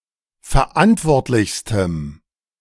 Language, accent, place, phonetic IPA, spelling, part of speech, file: German, Germany, Berlin, [fɛɐ̯ˈʔantvɔʁtlɪçstəm], verantwortlichstem, adjective, De-verantwortlichstem.ogg
- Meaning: strong dative masculine/neuter singular superlative degree of verantwortlich